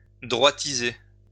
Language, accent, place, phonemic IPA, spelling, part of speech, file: French, France, Lyon, /dʁwa.ti.ze/, droitiser, verb, LL-Q150 (fra)-droitiser.wav
- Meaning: to move to the right (politically)